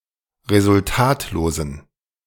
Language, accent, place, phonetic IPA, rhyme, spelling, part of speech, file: German, Germany, Berlin, [ʁezʊlˈtaːtloːzn̩], -aːtloːzn̩, resultatlosen, adjective, De-resultatlosen.ogg
- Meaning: inflection of resultatlos: 1. strong genitive masculine/neuter singular 2. weak/mixed genitive/dative all-gender singular 3. strong/weak/mixed accusative masculine singular 4. strong dative plural